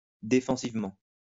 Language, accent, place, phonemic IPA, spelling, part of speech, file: French, France, Lyon, /de.fɑ̃.siv.mɑ̃/, défensivement, adverb, LL-Q150 (fra)-défensivement.wav
- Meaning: defensively